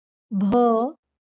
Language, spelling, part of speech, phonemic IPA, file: Marathi, भ, character, /bʱə/, LL-Q1571 (mar)-भ.wav
- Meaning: The twenty-third consonant in Marathi